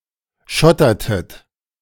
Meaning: inflection of schottern: 1. second-person plural preterite 2. second-person plural subjunctive II
- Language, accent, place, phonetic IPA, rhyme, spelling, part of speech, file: German, Germany, Berlin, [ˈʃɔtɐtət], -ɔtɐtət, schottertet, verb, De-schottertet.ogg